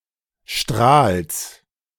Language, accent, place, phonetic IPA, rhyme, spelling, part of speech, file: German, Germany, Berlin, [ʃtʁaːls], -aːls, Strahls, noun, De-Strahls.ogg
- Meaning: genitive singular of Strahl